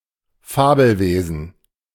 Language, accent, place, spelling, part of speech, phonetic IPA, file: German, Germany, Berlin, Fabelwesen, noun, [ˈfaːbl̩ˌveːzn̩], De-Fabelwesen.ogg
- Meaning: mythical creature